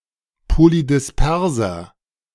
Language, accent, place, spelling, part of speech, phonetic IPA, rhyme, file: German, Germany, Berlin, polydisperser, adjective, [polidɪsˈpɛʁzɐ], -ɛʁzɐ, De-polydisperser.ogg
- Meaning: inflection of polydispers: 1. strong/mixed nominative masculine singular 2. strong genitive/dative feminine singular 3. strong genitive plural